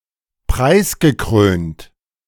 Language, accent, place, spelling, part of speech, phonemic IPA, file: German, Germany, Berlin, preisgekrönt, adjective, /ˈpʁaɪ̯sɡəˌkʁøːnt/, De-preisgekrönt.ogg
- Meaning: award-winning, prizewinning